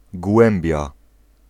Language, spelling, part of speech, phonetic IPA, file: Polish, głębia, noun, [ˈɡwɛ̃mbʲja], Pl-głębia.ogg